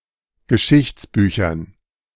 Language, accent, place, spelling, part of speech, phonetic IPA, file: German, Germany, Berlin, Geschichtsbüchern, noun, [ɡəˈʃɪçt͡sˌbyːçɐn], De-Geschichtsbüchern.ogg
- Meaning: dative plural of Geschichtsbuch